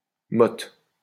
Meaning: 1. motte (mound of earth) 2. clod (lump of earth) 3. block, lump (of food etc.) 4. pubic mound, mons veneris
- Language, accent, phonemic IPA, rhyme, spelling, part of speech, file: French, France, /mɔt/, -ɔt, motte, noun, LL-Q150 (fra)-motte.wav